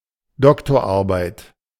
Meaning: doctoral dissertation (thesis to obtain the academic degree of doctor)
- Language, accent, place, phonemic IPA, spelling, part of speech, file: German, Germany, Berlin, /ˈdɔktoːrˌarbaɪ̯t/, Doktorarbeit, noun, De-Doktorarbeit.ogg